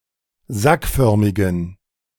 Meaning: inflection of sackförmig: 1. strong genitive masculine/neuter singular 2. weak/mixed genitive/dative all-gender singular 3. strong/weak/mixed accusative masculine singular 4. strong dative plural
- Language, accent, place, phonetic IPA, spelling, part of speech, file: German, Germany, Berlin, [ˈzakˌfœʁmɪɡn̩], sackförmigen, adjective, De-sackförmigen.ogg